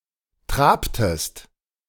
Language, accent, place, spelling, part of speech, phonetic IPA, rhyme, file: German, Germany, Berlin, trabtest, verb, [ˈtʁaːptəst], -aːptəst, De-trabtest.ogg
- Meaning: inflection of traben: 1. second-person singular preterite 2. second-person singular subjunctive II